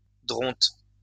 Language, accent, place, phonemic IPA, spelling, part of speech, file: French, France, Lyon, /dʁɔ̃t/, dronte, noun, LL-Q150 (fra)-dronte.wav
- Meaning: dodo (bird)